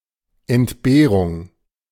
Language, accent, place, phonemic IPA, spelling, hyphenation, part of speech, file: German, Germany, Berlin, /ɛntˈbeːʁʊŋ/, Entbehrung, Ent‧beh‧rung, noun, De-Entbehrung.ogg
- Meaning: 1. hardship, privation 2. austerity